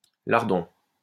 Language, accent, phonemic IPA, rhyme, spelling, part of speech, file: French, France, /laʁ.dɔ̃/, -ɔ̃, lardon, noun, LL-Q150 (fra)-lardon.wav
- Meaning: 1. small piece of bacon used in quiches, in salads, etc 2. a fatty strip of pork or bacon used for larding of lean meat (such as fowl) 3. kid, nipper; brat